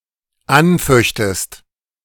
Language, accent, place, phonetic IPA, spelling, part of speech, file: German, Germany, Berlin, [ˈanˌfœçtəst], anföchtest, verb, De-anföchtest.ogg
- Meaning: second-person singular dependent subjunctive II of anfechten